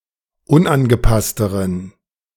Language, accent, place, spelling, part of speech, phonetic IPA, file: German, Germany, Berlin, unangepassteren, adjective, [ˈʊnʔanɡəˌpastəʁən], De-unangepassteren.ogg
- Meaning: inflection of unangepasst: 1. strong genitive masculine/neuter singular comparative degree 2. weak/mixed genitive/dative all-gender singular comparative degree